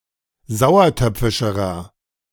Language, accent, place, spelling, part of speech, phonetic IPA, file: German, Germany, Berlin, sauertöpfischerer, adjective, [ˈzaʊ̯ɐˌtœp͡fɪʃəʁɐ], De-sauertöpfischerer.ogg
- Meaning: inflection of sauertöpfisch: 1. strong/mixed nominative masculine singular comparative degree 2. strong genitive/dative feminine singular comparative degree